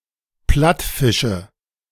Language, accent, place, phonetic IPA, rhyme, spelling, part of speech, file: German, Germany, Berlin, [ˈplatfɪʃə], -atfɪʃə, Plattfische, noun, De-Plattfische.ogg
- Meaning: nominative/accusative/genitive plural of Plattfisch